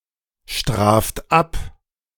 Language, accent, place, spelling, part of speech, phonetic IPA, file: German, Germany, Berlin, straft ab, verb, [ˌʃtʁaːft ˈap], De-straft ab.ogg
- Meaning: 1. singular imperative of abstrafen 2. first-person singular present of abstrafen